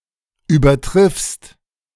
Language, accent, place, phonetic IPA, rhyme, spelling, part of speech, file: German, Germany, Berlin, [yːbɐˈtʁɪfst], -ɪfst, übertriffst, verb, De-übertriffst.ogg
- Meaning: second-person singular present of übertreffen